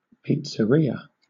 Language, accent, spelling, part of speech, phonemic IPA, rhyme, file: English, Southern England, pizzeria, noun, /ˌpiːt.səˈɹiː.ə/, -iːə, LL-Q1860 (eng)-pizzeria.wav
- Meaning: A restaurant that bakes and sells pizzas